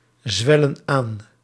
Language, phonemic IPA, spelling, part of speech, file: Dutch, /ˈzwɛlə(n) ˈan/, zwellen aan, verb, Nl-zwellen aan.ogg
- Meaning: inflection of aanzwellen: 1. plural present indicative 2. plural present subjunctive